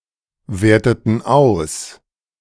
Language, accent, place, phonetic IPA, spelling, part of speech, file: German, Germany, Berlin, [ˌveːɐ̯tətn̩ ˈaʊ̯s], werteten aus, verb, De-werteten aus.ogg
- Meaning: inflection of auswerten: 1. first/third-person plural preterite 2. first/third-person plural subjunctive II